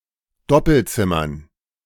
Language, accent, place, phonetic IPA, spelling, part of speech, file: German, Germany, Berlin, [ˈdɔpl̩ˌt͡sɪmɐn], Doppelzimmern, noun, De-Doppelzimmern.ogg
- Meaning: dative plural of Doppelzimmer